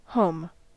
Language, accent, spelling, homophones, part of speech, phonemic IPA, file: English, US, home, Home / hom / holm / heaume / holme, noun / verb / adjective / adverb, /hoʊm/, En-us-home.ogg
- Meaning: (noun) A dwelling.: One’s own dwelling place; the house or structure in which one lives; especially the house in which one lives with one's family; the habitual abode of one’s family